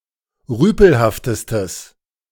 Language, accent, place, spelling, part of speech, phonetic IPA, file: German, Germany, Berlin, rüpelhaftestes, adjective, [ˈʁyːpl̩haftəstəs], De-rüpelhaftestes.ogg
- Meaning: strong/mixed nominative/accusative neuter singular superlative degree of rüpelhaft